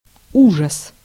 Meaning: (noun) 1. horror, terror 2. disaster, mess; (interjection) it's terrible!
- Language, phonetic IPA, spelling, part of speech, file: Russian, [ˈuʐəs], ужас, noun / interjection, Ru-ужас.ogg